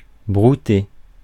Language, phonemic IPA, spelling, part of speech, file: French, /bʁu.te/, brouter, verb, Fr-brouter.ogg
- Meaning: 1. to graze; to browse 2. to perform cunnilingus